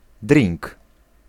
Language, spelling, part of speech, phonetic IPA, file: Polish, drink, noun, [drʲĩŋk], Pl-drink.ogg